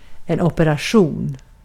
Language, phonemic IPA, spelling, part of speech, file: Swedish, /ɔpɛraˈɧuːn/, operation, noun, Sv-operation.ogg
- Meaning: 1. an operation (planned undertaking) 2. an operation